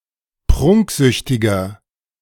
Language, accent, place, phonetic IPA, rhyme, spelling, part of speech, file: German, Germany, Berlin, [ˈpʁʊŋkˌzʏçtɪɡɐ], -ʊŋkzʏçtɪɡɐ, prunksüchtiger, adjective, De-prunksüchtiger.ogg
- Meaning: 1. comparative degree of prunksüchtig 2. inflection of prunksüchtig: strong/mixed nominative masculine singular 3. inflection of prunksüchtig: strong genitive/dative feminine singular